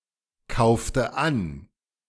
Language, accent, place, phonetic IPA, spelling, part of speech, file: German, Germany, Berlin, [ˌkaʊ̯ftə ˈan], kaufte an, verb, De-kaufte an.ogg
- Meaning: inflection of ankaufen: 1. first/third-person singular preterite 2. first/third-person singular subjunctive II